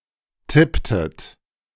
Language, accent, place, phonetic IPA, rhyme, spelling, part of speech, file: German, Germany, Berlin, [ˈtɪptət], -ɪptət, tipptet, verb, De-tipptet.ogg
- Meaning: inflection of tippen: 1. second-person plural preterite 2. second-person plural subjunctive II